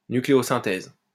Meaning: nucleosynthesis
- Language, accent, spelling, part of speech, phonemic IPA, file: French, France, nucléosynthèse, noun, /ny.kle.o.zɛ̃.tɛz/, LL-Q150 (fra)-nucléosynthèse.wav